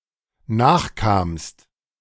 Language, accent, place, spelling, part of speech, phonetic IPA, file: German, Germany, Berlin, nachkamst, verb, [ˈnaːxˌkaːmst], De-nachkamst.ogg
- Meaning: second-person singular dependent preterite of nachkommen